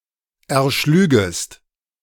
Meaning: second-person singular subjunctive I of erschlagen
- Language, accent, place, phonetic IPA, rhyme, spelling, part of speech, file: German, Germany, Berlin, [ɛɐ̯ˈʃlyːɡəst], -yːɡəst, erschlügest, verb, De-erschlügest.ogg